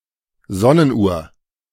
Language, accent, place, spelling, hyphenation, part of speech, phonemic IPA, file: German, Germany, Berlin, Sonnenuhr, Son‧nen‧uhr, noun, /ˈzɔnənˌʔuːɐ̯/, De-Sonnenuhr.ogg
- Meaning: sundial